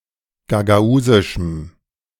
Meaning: strong dative masculine/neuter singular of gagausisch
- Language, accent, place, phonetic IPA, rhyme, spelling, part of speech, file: German, Germany, Berlin, [ɡaɡaˈuːzɪʃm̩], -uːzɪʃm̩, gagausischem, adjective, De-gagausischem.ogg